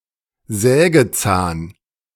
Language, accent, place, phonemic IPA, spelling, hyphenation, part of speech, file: German, Germany, Berlin, /ˈzɛːɡəˌt͡saːn/, Sägezahn, Sä‧ge‧zahn, noun, De-Sägezahn.ogg
- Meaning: saw tooth